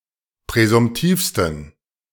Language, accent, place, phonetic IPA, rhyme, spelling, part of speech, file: German, Germany, Berlin, [pʁɛzʊmˈtiːfstn̩], -iːfstn̩, präsumtivsten, adjective, De-präsumtivsten.ogg
- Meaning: 1. superlative degree of präsumtiv 2. inflection of präsumtiv: strong genitive masculine/neuter singular superlative degree